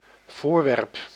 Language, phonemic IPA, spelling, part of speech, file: Dutch, /ˈvoːrˌʋɛrp/, voorwerp, noun, Nl-voorwerp.ogg
- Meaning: 1. a physical object 2. the object (of a sentence)